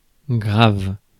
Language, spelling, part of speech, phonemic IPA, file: French, grave, adjective / adverb / verb, /ɡʁav/, Fr-grave.ogg
- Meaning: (adjective) 1. serious 2. solemn 3. low-pitched 4. back; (adverb) much; a lot; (verb) inflection of graver: first/third-person singular present indicative/subjunctive